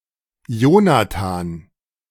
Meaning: 1. Jonathan (Biblical character) 2. a male given name 3. accusative of Jonathas
- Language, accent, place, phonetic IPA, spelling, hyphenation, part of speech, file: German, Germany, Berlin, [ˈjoːnaˌtaːn], Jonathan, Jo‧na‧than, proper noun, De-Jonathan.ogg